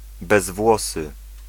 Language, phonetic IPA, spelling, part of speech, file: Polish, [bɛzˈvwɔsɨ], bezwłosy, adjective, Pl-bezwłosy.ogg